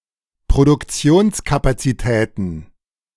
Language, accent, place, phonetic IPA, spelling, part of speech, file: German, Germany, Berlin, [pʁodʊkˈt͡si̯oːnskapat͡siˌtɛːtn̩], Produktionskapazitäten, noun, De-Produktionskapazitäten.ogg
- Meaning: plural of Produktionskapazität